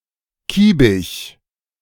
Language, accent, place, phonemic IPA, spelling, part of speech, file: German, Germany, Berlin, /ˈkiːbɪç/, kiebig, adjective, De-kiebig.ogg
- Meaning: irritable, quarrelous, cantankerous